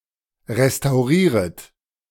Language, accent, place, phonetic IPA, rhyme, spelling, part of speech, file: German, Germany, Berlin, [ʁestaʊ̯ˈʁiːʁət], -iːʁət, restaurieret, verb, De-restaurieret.ogg
- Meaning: second-person plural subjunctive I of restaurieren